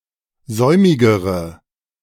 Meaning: inflection of säumig: 1. strong/mixed nominative/accusative feminine singular comparative degree 2. strong nominative/accusative plural comparative degree
- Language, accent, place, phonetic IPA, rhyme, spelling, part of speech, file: German, Germany, Berlin, [ˈzɔɪ̯mɪɡəʁə], -ɔɪ̯mɪɡəʁə, säumigere, adjective, De-säumigere.ogg